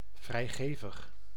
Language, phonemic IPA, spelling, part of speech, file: Dutch, /vrɛi̯ˈɣeːvəx/, vrijgevig, adjective, Nl-vrijgevig.ogg
- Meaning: generous